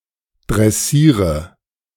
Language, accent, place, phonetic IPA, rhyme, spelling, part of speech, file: German, Germany, Berlin, [dʁɛˈsiːʁə], -iːʁə, dressiere, verb, De-dressiere.ogg
- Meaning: inflection of dressieren: 1. first-person singular present 2. singular imperative 3. first/third-person singular subjunctive I